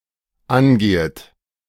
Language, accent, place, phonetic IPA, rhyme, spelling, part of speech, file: German, Germany, Berlin, [ˈanˌɡeːət], -anɡeːət, angehet, verb, De-angehet.ogg
- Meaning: second-person plural dependent subjunctive I of angehen